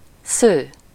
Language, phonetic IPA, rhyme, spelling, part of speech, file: Hungarian, [ˈsøː], -søː, sző, verb / adjective, Hu-sző.ogg
- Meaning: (verb) 1. to weave 2. to spin 3. to plot; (adjective) bright, blond